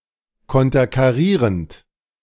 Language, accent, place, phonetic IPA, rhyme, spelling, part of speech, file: German, Germany, Berlin, [ˌkɔntɐkaˈʁiːʁənt], -iːʁənt, konterkarierend, verb, De-konterkarierend.ogg
- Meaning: present participle of konterkarieren